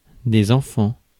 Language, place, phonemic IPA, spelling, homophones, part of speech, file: French, Paris, /ɑ̃.fɑ̃/, enfants, enfant, noun, Fr-enfants.ogg
- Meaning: plural of enfant